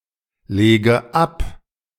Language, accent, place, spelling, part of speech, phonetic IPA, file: German, Germany, Berlin, lege ab, verb, [ˌleːɡə ˈap], De-lege ab.ogg
- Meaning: inflection of ablegen: 1. first-person singular present 2. first/third-person singular subjunctive I 3. singular imperative